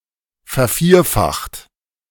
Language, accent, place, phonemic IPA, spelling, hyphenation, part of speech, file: German, Germany, Berlin, /fɛɐ̯ˈfiːɐ̯ˌfaxt/, vervierfacht, ver‧vier‧facht, verb, De-vervierfacht.ogg
- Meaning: 1. past participle of vervierfachen 2. inflection of vervierfachen: second-person plural present 3. inflection of vervierfachen: third-person singular present